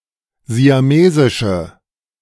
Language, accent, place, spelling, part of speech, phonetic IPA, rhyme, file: German, Germany, Berlin, siamesische, adjective, [zi̯aˈmeːzɪʃə], -eːzɪʃə, De-siamesische.ogg
- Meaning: inflection of siamesisch: 1. strong/mixed nominative/accusative feminine singular 2. strong nominative/accusative plural 3. weak nominative all-gender singular